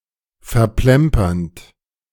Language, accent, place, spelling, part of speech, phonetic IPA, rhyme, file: German, Germany, Berlin, verplempernd, verb, [fɛɐ̯ˈplɛmpɐnt], -ɛmpɐnt, De-verplempernd.ogg
- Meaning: present participle of verplempern